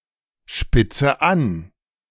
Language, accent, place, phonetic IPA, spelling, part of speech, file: German, Germany, Berlin, [ˌʃpɪt͡sə ˈan], spitze an, verb, De-spitze an.ogg
- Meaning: inflection of anspitzen: 1. first-person singular present 2. first/third-person singular subjunctive I 3. singular imperative